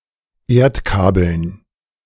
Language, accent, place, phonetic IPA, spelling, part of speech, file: German, Germany, Berlin, [ˈeːɐ̯tˌkaːbl̩n], Erdkabeln, noun, De-Erdkabeln.ogg
- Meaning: dative plural of Erdkabel